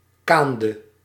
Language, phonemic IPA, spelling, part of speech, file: Dutch, /ˈkandə/, kaande, verb, Nl-kaande.ogg
- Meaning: inflection of kanen: 1. singular past indicative 2. singular past subjunctive